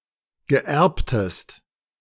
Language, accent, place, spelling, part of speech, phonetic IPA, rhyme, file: German, Germany, Berlin, gerbtest, verb, [ˈɡɛʁptəst], -ɛʁptəst, De-gerbtest.ogg
- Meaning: inflection of gerben: 1. second-person singular preterite 2. second-person singular subjunctive II